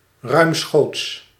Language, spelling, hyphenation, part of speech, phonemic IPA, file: Dutch, ruimschoots, ruim‧schoots, adverb / adjective, /ˈrœy̯m.sxoːts/, Nl-ruimschoots.ogg
- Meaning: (adverb) 1. amply 2. with the wind in the back; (adjective) ample